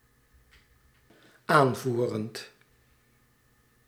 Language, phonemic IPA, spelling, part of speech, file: Dutch, /ˈaɱvurənt/, aanvoerend, verb, Nl-aanvoerend.ogg
- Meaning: present participle of aanvoeren